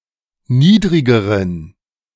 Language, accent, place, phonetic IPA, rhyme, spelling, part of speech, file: German, Germany, Berlin, [ˈniːdʁɪɡəʁən], -iːdʁɪɡəʁən, niedrigeren, adjective, De-niedrigeren.ogg
- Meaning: inflection of niedrig: 1. strong genitive masculine/neuter singular comparative degree 2. weak/mixed genitive/dative all-gender singular comparative degree